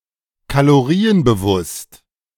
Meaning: calorie-conscious
- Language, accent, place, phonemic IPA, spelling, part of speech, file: German, Germany, Berlin, /kaloˈʁiːənbəˌvʊst/, kalorienbewusst, adjective, De-kalorienbewusst.ogg